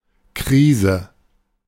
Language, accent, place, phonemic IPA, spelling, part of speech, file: German, Germany, Berlin, /ˈkʁiːzə/, Krise, noun, De-Krise.ogg
- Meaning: crisis (unstable situation)